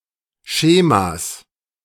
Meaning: genitive singular of Schema
- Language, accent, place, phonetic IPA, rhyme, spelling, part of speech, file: German, Germany, Berlin, [ˈʃeːmas], -eːmas, Schemas, noun, De-Schemas.ogg